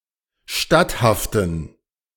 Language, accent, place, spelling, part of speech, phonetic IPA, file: German, Germany, Berlin, statthaften, adjective, [ˈʃtathaftn̩], De-statthaften.ogg
- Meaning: inflection of statthaft: 1. strong genitive masculine/neuter singular 2. weak/mixed genitive/dative all-gender singular 3. strong/weak/mixed accusative masculine singular 4. strong dative plural